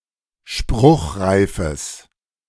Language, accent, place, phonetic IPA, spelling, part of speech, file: German, Germany, Berlin, [ˈʃpʁʊxʁaɪ̯fəs], spruchreifes, adjective, De-spruchreifes.ogg
- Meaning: strong/mixed nominative/accusative neuter singular of spruchreif